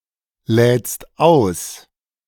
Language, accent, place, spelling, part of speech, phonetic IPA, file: German, Germany, Berlin, lädst aus, verb, [ˌlɛːt͡st ˈaʊ̯s], De-lädst aus.ogg
- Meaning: second-person singular present of ausladen